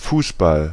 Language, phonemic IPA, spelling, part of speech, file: German, /ˈfuːsˌbal/, Fußball, noun, De-Fußball.ogg
- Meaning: 1. soccer; association football 2. football, soccer ball (the ball with which association football is played)